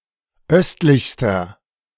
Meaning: inflection of östlich: 1. strong/mixed nominative masculine singular superlative degree 2. strong genitive/dative feminine singular superlative degree 3. strong genitive plural superlative degree
- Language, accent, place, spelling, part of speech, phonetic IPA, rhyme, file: German, Germany, Berlin, östlichster, adjective, [ˈœstlɪçstɐ], -œstlɪçstɐ, De-östlichster.ogg